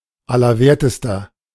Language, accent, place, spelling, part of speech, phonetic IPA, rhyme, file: German, Germany, Berlin, Allerwertester, noun, [alɐˈveːɐ̯təstɐ], -eːɐ̯təstɐ, De-Allerwertester.ogg
- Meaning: bottom, butt, rear